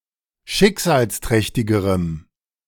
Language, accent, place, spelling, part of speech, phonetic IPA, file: German, Germany, Berlin, schicksalsträchtigerem, adjective, [ˈʃɪkzaːlsˌtʁɛçtɪɡəʁəm], De-schicksalsträchtigerem.ogg
- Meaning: strong dative masculine/neuter singular comparative degree of schicksalsträchtig